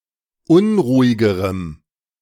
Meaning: strong dative masculine/neuter singular comparative degree of unruhig
- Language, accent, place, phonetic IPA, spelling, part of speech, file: German, Germany, Berlin, [ˈʊnʁuːɪɡəʁəm], unruhigerem, adjective, De-unruhigerem.ogg